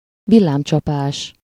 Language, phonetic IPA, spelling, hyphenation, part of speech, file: Hungarian, [ˈvilːaːmt͡ʃɒpaːʃ], villámcsapás, vil‧lám‧csa‧pás, noun, Hu-villámcsapás.ogg
- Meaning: thunderbolt